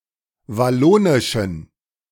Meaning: inflection of wallonisch: 1. strong genitive masculine/neuter singular 2. weak/mixed genitive/dative all-gender singular 3. strong/weak/mixed accusative masculine singular 4. strong dative plural
- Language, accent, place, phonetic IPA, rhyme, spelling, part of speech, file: German, Germany, Berlin, [vaˈloːnɪʃn̩], -oːnɪʃn̩, wallonischen, adjective, De-wallonischen.ogg